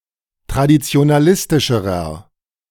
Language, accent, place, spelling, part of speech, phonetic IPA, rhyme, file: German, Germany, Berlin, traditionalistischerer, adjective, [tʁadit͡si̯onaˈlɪstɪʃəʁɐ], -ɪstɪʃəʁɐ, De-traditionalistischerer.ogg
- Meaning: inflection of traditionalistisch: 1. strong/mixed nominative masculine singular comparative degree 2. strong genitive/dative feminine singular comparative degree